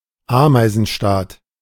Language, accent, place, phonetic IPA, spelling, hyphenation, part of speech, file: German, Germany, Berlin, [ˈaːmaɪ̯zn̩ˌʃtaːt], Ameisenstaat, Amei‧sen‧staat, noun, De-Ameisenstaat.ogg
- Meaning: ant colony (a colony of insects in the family Formicidae)